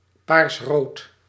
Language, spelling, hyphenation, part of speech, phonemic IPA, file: Dutch, paarsrood, paars‧rood, noun / adjective, /ˈparsrot/, Nl-paarsrood.ogg
- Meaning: purplish red